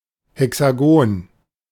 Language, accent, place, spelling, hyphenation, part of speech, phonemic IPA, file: German, Germany, Berlin, Hexagon, He‧xa‧gon, noun, /hɛksaˈɡoːn/, De-Hexagon.ogg
- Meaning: hexagon